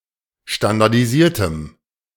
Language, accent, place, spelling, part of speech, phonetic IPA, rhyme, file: German, Germany, Berlin, standardisiertem, adjective, [ʃtandaʁdiˈziːɐ̯təm], -iːɐ̯təm, De-standardisiertem.ogg
- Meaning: strong dative masculine/neuter singular of standardisiert